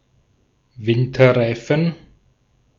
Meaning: winter tire, winter tyre
- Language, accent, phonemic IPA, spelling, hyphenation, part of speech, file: German, Austria, /ˈvɪntɐˌʁaɪ̯fn̩/, Winterreifen, Win‧ter‧rei‧fen, noun, De-at-Winterreifen.ogg